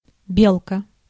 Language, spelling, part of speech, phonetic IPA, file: Russian, белка, noun, [ˈbʲeɫkə], Ru-белка.ogg
- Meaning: squirrel (mammal)